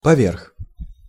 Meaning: over
- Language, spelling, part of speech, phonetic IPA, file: Russian, поверх, preposition, [pɐˈvʲerx], Ru-поверх.ogg